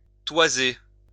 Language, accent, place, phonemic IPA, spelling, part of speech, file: French, France, Lyon, /twa.ze/, toiser, verb, LL-Q150 (fra)-toiser.wav
- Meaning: 1. to measure, to gauge someone's height (originally, using a height gauge) 2. to size up